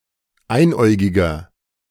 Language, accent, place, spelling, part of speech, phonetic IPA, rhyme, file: German, Germany, Berlin, einäugiger, adjective, [ˈaɪ̯nˌʔɔɪ̯ɡɪɡɐ], -aɪ̯nʔɔɪ̯ɡɪɡɐ, De-einäugiger.ogg
- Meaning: inflection of einäugig: 1. strong/mixed nominative masculine singular 2. strong genitive/dative feminine singular 3. strong genitive plural